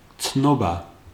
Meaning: 1. information, notice, news 2. certificate, official statement, reference (documentary proof) 3. consciousness, awareness, wits (archaic or literary)
- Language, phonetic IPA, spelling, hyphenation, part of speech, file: Georgian, [t͡sʰno̞bä], ცნობა, ცნო‧ბა, noun, Ka-ცნობა.ogg